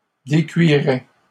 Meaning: first/second-person singular conditional of décuire
- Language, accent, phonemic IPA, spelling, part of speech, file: French, Canada, /de.kɥi.ʁɛ/, décuirais, verb, LL-Q150 (fra)-décuirais.wav